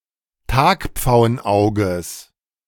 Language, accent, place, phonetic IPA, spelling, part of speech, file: German, Germany, Berlin, [ˈtaːkp͡faʊ̯ənˌʔaʊ̯ɡəs], Tagpfauenauges, noun, De-Tagpfauenauges.ogg
- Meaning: genitive singular of Tagpfauenauge